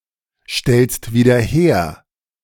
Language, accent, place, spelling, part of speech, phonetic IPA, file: German, Germany, Berlin, stellst wieder her, verb, [ˌʃtɛlst viːdɐ ˈheːɐ̯], De-stellst wieder her.ogg
- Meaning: second-person singular present of wiederherstellen